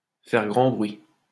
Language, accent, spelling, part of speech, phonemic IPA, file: French, France, faire grand bruit, verb, /fɛʁ ɡʁɑ̃ bʁɥi/, LL-Q150 (fra)-faire grand bruit.wav
- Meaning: to cause a sensation, to cause a big stir, to be much talked about, to be the talk of the town